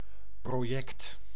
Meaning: project (planned endeavor)
- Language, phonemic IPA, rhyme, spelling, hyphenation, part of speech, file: Dutch, /proːˈjɛkt/, -ɛkt, project, pro‧ject, noun, Nl-project.ogg